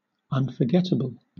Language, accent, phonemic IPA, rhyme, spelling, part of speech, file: English, Southern England, /ˌʌnfə(ɹ)ˈɡɛtəbəl/, -ɛtəbəl, unforgettable, adjective, LL-Q1860 (eng)-unforgettable.wav
- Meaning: Very difficult or impossible to forget